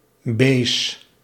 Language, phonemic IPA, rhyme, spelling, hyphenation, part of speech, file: Dutch, /beːs/, -eːs, bees, bees, noun, Nl-bees.ogg
- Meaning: 1. kiss 2. candy 3. berry